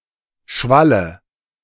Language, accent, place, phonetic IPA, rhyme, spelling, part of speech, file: German, Germany, Berlin, [ˈʃvalə], -alə, Schwalle, noun, De-Schwalle.ogg
- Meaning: nominative/accusative/genitive plural of Schwall